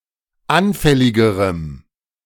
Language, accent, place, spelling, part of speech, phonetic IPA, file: German, Germany, Berlin, anfälligerem, adjective, [ˈanfɛlɪɡəʁəm], De-anfälligerem.ogg
- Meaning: strong dative masculine/neuter singular comparative degree of anfällig